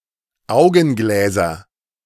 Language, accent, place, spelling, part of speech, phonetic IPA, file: German, Germany, Berlin, Augengläser, noun, [ˈaʊ̯ɡn̩ˌɡlɛːzɐ], De-Augengläser.ogg
- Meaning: nominative/accusative/genitive plural of Augenglas